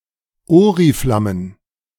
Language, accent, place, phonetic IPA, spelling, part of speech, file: German, Germany, Berlin, [ˈoːʁiflamən], Oriflammen, noun, De-Oriflammen.ogg
- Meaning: plural of Oriflamme